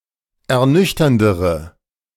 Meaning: inflection of ernüchternd: 1. strong/mixed nominative/accusative feminine singular comparative degree 2. strong nominative/accusative plural comparative degree
- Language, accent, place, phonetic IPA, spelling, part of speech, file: German, Germany, Berlin, [ɛɐ̯ˈnʏçtɐndəʁə], ernüchterndere, adjective, De-ernüchterndere.ogg